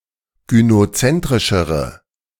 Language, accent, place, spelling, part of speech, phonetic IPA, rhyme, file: German, Germany, Berlin, gynozentrischere, adjective, [ɡynoˈt͡sɛntʁɪʃəʁə], -ɛntʁɪʃəʁə, De-gynozentrischere.ogg
- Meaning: inflection of gynozentrisch: 1. strong/mixed nominative/accusative feminine singular comparative degree 2. strong nominative/accusative plural comparative degree